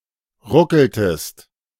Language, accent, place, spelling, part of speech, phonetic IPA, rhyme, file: German, Germany, Berlin, ruckeltest, verb, [ˈʁʊkl̩təst], -ʊkl̩təst, De-ruckeltest.ogg
- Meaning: inflection of ruckeln: 1. second-person singular preterite 2. second-person singular subjunctive II